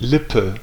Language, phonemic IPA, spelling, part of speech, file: German, /ˈlɪpə/, Lippe, noun / proper noun, De-Lippe.ogg
- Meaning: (noun) lip; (proper noun) 1. Lippe (a river in northwestern Germany) 2. a rural district of North Rhine-Westphalia; seat: Detmold 3. a surname transferred from the place name